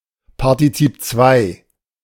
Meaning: past participle
- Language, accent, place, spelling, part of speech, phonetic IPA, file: German, Germany, Berlin, Partizip II, noun, [paʁtiˈt͡siːp t͡svaɪ̯], De-Partizip II.ogg